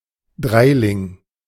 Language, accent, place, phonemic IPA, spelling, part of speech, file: German, Germany, Berlin, /ˈdʁaɪ̯lɪŋ/, Dreiling, noun, De-Dreiling.ogg
- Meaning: three pfennig coin